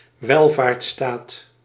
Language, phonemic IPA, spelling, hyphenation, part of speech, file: Dutch, /ˈʋɛl.vaːrtˌstaːt/, welvaartsstaat, wel‧vaarts‧staat, noun, Nl-welvaartsstaat.ogg
- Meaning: welfare state